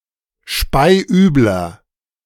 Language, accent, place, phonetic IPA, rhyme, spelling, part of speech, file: German, Germany, Berlin, [ˈʃpaɪ̯ˈʔyːblɐ], -yːblɐ, speiübler, adjective, De-speiübler.ogg
- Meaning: 1. comparative degree of speiübel 2. inflection of speiübel: strong/mixed nominative masculine singular 3. inflection of speiübel: strong genitive/dative feminine singular